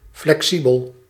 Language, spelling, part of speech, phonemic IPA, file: Dutch, flexibel, adjective, /flɛkˈsibəl/, Nl-flexibel.ogg
- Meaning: 1. flexible, pliable 2. adaptable, flexible 3. easygoing, approachable